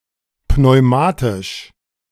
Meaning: pneumatic
- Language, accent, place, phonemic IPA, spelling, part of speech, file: German, Germany, Berlin, /pnɔɪ̯ˈmaːtɪʃ/, pneumatisch, adjective, De-pneumatisch.ogg